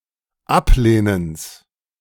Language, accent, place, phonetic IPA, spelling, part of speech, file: German, Germany, Berlin, [ˈapˌleːnəns], Ablehnens, noun, De-Ablehnens.ogg
- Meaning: genitive of Ablehnen